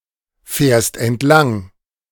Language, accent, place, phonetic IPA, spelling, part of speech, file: German, Germany, Berlin, [ˌfɛːɐ̯st ɛntˈlaŋ], fährst entlang, verb, De-fährst entlang.ogg
- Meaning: second-person singular present of entlangfahren